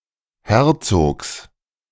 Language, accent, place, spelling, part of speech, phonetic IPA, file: German, Germany, Berlin, Herzogs, noun, [ˈhɛʁt͡soːks], De-Herzogs.ogg
- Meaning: genitive singular of Herzog